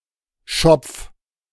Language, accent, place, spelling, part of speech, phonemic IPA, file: German, Germany, Berlin, Schopf, noun, /ʃɔpf/, De-Schopf.ogg
- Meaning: 1. tuft (of hair) 2. wisp (of hair) 3. crown (feathers sticking up at the back of a bird's head) 4. bunch of leaves 5. the long hair on a horse's forehead 6. shed, outbuilding 7. weather-proof roof